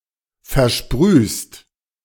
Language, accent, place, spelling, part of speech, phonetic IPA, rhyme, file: German, Germany, Berlin, versprühst, verb, [fɛɐ̯ˈʃpʁyːst], -yːst, De-versprühst.ogg
- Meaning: second-person singular present of versprühen